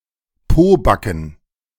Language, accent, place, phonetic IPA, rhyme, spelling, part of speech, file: German, Germany, Berlin, [ˈpoːˌbakn̩], -oːbakn̩, Pobacken, noun, De-Pobacken.ogg
- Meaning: plural of Pobacke